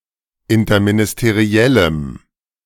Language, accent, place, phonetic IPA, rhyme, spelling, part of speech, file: German, Germany, Berlin, [ɪntɐminɪsteˈʁi̯ɛləm], -ɛləm, interministeriellem, adjective, De-interministeriellem.ogg
- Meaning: strong dative masculine/neuter singular of interministeriell